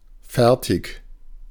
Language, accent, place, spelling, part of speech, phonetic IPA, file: German, Germany, Berlin, fertig, adjective, [ˈfɛʁtɪç], De-fertig.ogg
- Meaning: 1. ready for use; done; fully prepared 2. done; finished; complete 3. finished; over 4. ready to start; fully prepared 5. done; having finished 6. exhausted; beat; bushed